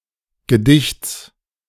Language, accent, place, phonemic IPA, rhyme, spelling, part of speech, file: German, Germany, Berlin, /ɡəˈdɪçt͡s/, -ɪçt͡s, Gedichts, noun, De-Gedichts.ogg
- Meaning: genitive singular of Gedicht